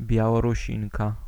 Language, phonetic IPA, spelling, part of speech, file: Polish, [ˌbʲjawɔruˈɕĩŋka], Białorusinka, noun, Pl-Białorusinka.ogg